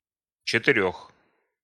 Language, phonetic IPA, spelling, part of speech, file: Russian, [t͡ɕɪtɨˈrʲɵx], четырёх, numeral, Ru-четырёх.ogg
- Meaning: inflection of четы́ре (četýre): 1. genitive/prepositional 2. animate accusative